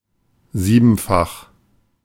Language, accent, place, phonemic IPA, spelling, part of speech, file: German, Germany, Berlin, /ˈziːbn̩fax/, siebenfach, adjective, De-siebenfach.ogg
- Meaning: sevenfold